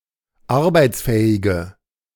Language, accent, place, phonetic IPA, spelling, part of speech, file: German, Germany, Berlin, [ˈaʁbaɪ̯t͡sˌfɛːɪɡə], arbeitsfähige, adjective, De-arbeitsfähige.ogg
- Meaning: inflection of arbeitsfähig: 1. strong/mixed nominative/accusative feminine singular 2. strong nominative/accusative plural 3. weak nominative all-gender singular